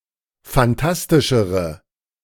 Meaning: inflection of fantastisch: 1. strong/mixed nominative/accusative feminine singular comparative degree 2. strong nominative/accusative plural comparative degree
- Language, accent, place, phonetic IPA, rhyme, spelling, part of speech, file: German, Germany, Berlin, [fanˈtastɪʃəʁə], -astɪʃəʁə, fantastischere, adjective, De-fantastischere.ogg